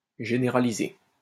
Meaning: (adjective) commonplace, ubiquitous, found everywhere; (verb) past participle of généraliser
- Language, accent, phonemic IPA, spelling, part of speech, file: French, France, /ʒe.ne.ʁa.li.ze/, généralisé, adjective / verb, LL-Q150 (fra)-généralisé.wav